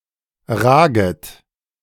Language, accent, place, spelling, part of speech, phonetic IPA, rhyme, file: German, Germany, Berlin, raget, verb, [ˈʁaːɡət], -aːɡət, De-raget.ogg
- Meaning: second-person plural subjunctive I of ragen